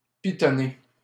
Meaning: to piton
- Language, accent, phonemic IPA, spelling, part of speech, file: French, Canada, /pi.tɔ.ne/, pitonner, verb, LL-Q150 (fra)-pitonner.wav